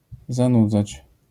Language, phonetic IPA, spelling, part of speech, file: Polish, [zãˈnud͡zat͡ɕ], zanudzać, verb, LL-Q809 (pol)-zanudzać.wav